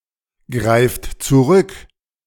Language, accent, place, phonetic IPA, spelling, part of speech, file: German, Germany, Berlin, [ˌɡʁaɪ̯ft t͡suˈʁʏk], greift zurück, verb, De-greift zurück.ogg
- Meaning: inflection of zurückgreifen: 1. third-person singular present 2. second-person plural present 3. plural imperative